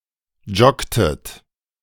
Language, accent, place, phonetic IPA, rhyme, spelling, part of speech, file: German, Germany, Berlin, [ˈd͡ʒɔktət], -ɔktət, joggtet, verb, De-joggtet.ogg
- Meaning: inflection of joggen: 1. second-person plural preterite 2. second-person plural subjunctive II